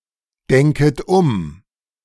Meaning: second-person plural subjunctive I of umdenken
- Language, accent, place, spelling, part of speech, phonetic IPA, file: German, Germany, Berlin, denket um, verb, [ˌdɛŋkət ˈʊm], De-denket um.ogg